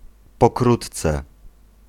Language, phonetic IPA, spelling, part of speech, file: Polish, [pɔˈkrutt͡sɛ], pokrótce, adverb, Pl-pokrótce.ogg